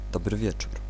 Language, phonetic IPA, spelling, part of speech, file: Polish, [ˈdɔbrɨ ˈvʲjɛt͡ʃur], dobry wieczór, interjection, Pl-dobry wieczór.ogg